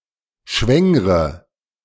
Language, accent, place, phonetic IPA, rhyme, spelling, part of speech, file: German, Germany, Berlin, [ˈʃvɛŋʁə], -ɛŋʁə, schwängre, verb, De-schwängre.ogg
- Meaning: inflection of schwängern: 1. first-person singular present 2. first/third-person singular subjunctive I 3. singular imperative